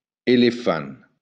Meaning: elephant
- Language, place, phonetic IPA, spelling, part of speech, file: Occitan, Béarn, [eleˈfan(t)], elefant, noun, LL-Q14185 (oci)-elefant.wav